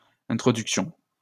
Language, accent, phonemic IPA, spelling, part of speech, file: French, France, /ɛ̃.tʁɔ.dyk.sjɔ̃/, introductions, noun, LL-Q150 (fra)-introductions.wav
- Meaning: plural of introduction